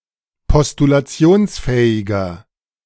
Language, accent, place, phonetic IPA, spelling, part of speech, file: German, Germany, Berlin, [pɔstulaˈt͡si̯oːnsˌfɛːɪɡɐ], postulationsfähiger, adjective, De-postulationsfähiger.ogg
- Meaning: inflection of postulationsfähig: 1. strong/mixed nominative masculine singular 2. strong genitive/dative feminine singular 3. strong genitive plural